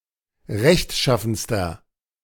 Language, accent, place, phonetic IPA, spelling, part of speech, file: German, Germany, Berlin, [ˈʁɛçtˌʃafn̩stɐ], rechtschaffenster, adjective, De-rechtschaffenster.ogg
- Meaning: inflection of rechtschaffen: 1. strong/mixed nominative masculine singular superlative degree 2. strong genitive/dative feminine singular superlative degree